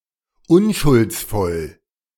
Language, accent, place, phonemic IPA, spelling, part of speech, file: German, Germany, Berlin, /ˈʊnʃʊlt͡sˌfɔl/, unschuldsvoll, adjective, De-unschuldsvoll.ogg
- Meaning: innocent